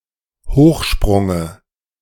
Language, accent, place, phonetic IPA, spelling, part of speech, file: German, Germany, Berlin, [ˈhoːxˌʃpʁʊŋə], Hochsprunge, noun, De-Hochsprunge.ogg
- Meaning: dative singular of Hochsprung